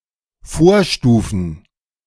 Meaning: plural of Vorstufe
- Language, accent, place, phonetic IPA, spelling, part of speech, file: German, Germany, Berlin, [ˈfoːɐ̯ˌʃtuːfn̩], Vorstufen, noun, De-Vorstufen.ogg